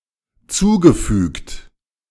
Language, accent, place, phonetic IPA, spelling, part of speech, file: German, Germany, Berlin, [ˈt͡suːɡəˌfyːkt], zugefügt, verb, De-zugefügt.ogg
- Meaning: past participle of zufügen